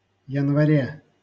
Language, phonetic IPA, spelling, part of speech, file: Russian, [(j)ɪnvɐˈrʲe], январе, noun, LL-Q7737 (rus)-январе.wav
- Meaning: prepositional singular of янва́рь (janvárʹ)